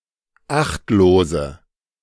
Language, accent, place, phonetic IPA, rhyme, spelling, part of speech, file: German, Germany, Berlin, [ˈaxtloːzə], -axtloːzə, achtlose, adjective, De-achtlose.ogg
- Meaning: inflection of achtlos: 1. strong/mixed nominative/accusative feminine singular 2. strong nominative/accusative plural 3. weak nominative all-gender singular 4. weak accusative feminine/neuter singular